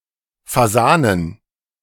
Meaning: plural of Fasan
- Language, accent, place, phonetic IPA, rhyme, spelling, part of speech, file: German, Germany, Berlin, [faˈzaːnən], -aːnən, Fasanen, noun, De-Fasanen.ogg